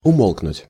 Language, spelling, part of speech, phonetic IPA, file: Russian, умолкнуть, verb, [ʊˈmoɫknʊtʲ], Ru-умолкнуть.ogg
- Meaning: 1. to fall/become silent, to lapse into silence 2. to stop